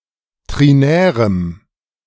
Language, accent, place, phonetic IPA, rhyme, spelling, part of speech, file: German, Germany, Berlin, [ˌtʁiˈnɛːʁəm], -ɛːʁəm, trinärem, adjective, De-trinärem.ogg
- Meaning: strong dative masculine/neuter singular of trinär